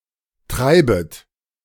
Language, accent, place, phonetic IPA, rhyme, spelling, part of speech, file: German, Germany, Berlin, [ˈtʁaɪ̯bət], -aɪ̯bət, treibet, verb, De-treibet.ogg
- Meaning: second-person plural subjunctive I of treiben